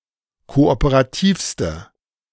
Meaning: inflection of kooperativ: 1. strong/mixed nominative/accusative feminine singular superlative degree 2. strong nominative/accusative plural superlative degree
- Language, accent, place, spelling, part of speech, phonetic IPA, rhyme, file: German, Germany, Berlin, kooperativste, adjective, [ˌkoʔopəʁaˈtiːfstə], -iːfstə, De-kooperativste.ogg